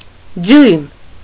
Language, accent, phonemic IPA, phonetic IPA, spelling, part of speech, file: Armenian, Eastern Armenian, /djujm/, [djujm], դյույմ, noun, Hy-դյույմ.ogg
- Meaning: inch